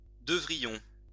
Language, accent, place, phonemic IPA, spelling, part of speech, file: French, France, Lyon, /də.vʁi.jɔ̃/, devrions, verb, LL-Q150 (fra)-devrions.wav
- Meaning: first-person plural conditional of devoir